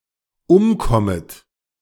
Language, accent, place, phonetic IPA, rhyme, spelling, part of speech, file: German, Germany, Berlin, [ˈʊmˌkɔmət], -ʊmkɔmət, umkommet, verb, De-umkommet.ogg
- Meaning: second-person plural dependent subjunctive I of umkommen